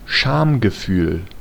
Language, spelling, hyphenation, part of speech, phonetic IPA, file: German, Schamgefühl, Scham‧ge‧fühl, noun, [ˈʃaːmɡəˌfyːl], De-Schamgefühl.ogg
- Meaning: shame